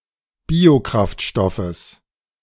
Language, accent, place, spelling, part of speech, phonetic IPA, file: German, Germany, Berlin, Biokraftstoffes, noun, [ˈbiːoˌkʁaftʃtɔfəs], De-Biokraftstoffes.ogg
- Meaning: genitive singular of Biokraftstoff